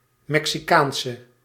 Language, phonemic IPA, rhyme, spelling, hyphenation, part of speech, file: Dutch, /mɛk.siˈkaːn.sə/, -aːnsə, Mexicaanse, Mexi‧caan‧se, noun / adjective, Nl-Mexicaanse.ogg
- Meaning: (noun) female equivalent of Mexicaan (“Mexican”); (adjective) inflection of Mexicaans: 1. masculine/feminine singular attributive 2. definite neuter singular attributive 3. plural attributive